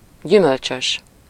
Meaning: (adjective) 1. fruit-bearing 2. containing fruit; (noun) orchard
- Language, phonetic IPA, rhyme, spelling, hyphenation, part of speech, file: Hungarian, [ˈɟymølt͡ʃøʃ], -øʃ, gyümölcsös, gyü‧möl‧csös, adjective / noun, Hu-gyümölcsös.ogg